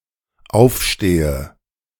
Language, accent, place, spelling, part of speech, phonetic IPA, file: German, Germany, Berlin, aufstehe, verb, [ˈaʊ̯fˌʃteːə], De-aufstehe.ogg
- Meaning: inflection of aufstehen: 1. first-person singular dependent present 2. first/third-person singular dependent subjunctive I